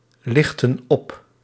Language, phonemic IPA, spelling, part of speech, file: Dutch, /ˈlɪxtə(n) ˈɔp/, lichten op, verb, Nl-lichten op.ogg
- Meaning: inflection of oplichten: 1. plural present indicative 2. plural present subjunctive